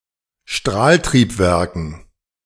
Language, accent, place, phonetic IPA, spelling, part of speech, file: German, Germany, Berlin, [ˈʃtʁaːltʁiːpˌvɛʁkn̩], Strahltriebwerken, noun, De-Strahltriebwerken.ogg
- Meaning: dative plural of Strahltriebwerk